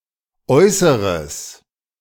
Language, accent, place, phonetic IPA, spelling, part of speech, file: German, Germany, Berlin, [ˈʔɔʏsəʁəs], äußeres, adjective, De-äußeres.ogg
- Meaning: strong/mixed nominative/accusative neuter singular of äußere